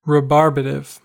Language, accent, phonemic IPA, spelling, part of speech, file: English, US, /ɹɪˈbɑɹbətɪv/, rebarbative, adjective, En-us-rebarbative.ogg
- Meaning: Irritating, repellent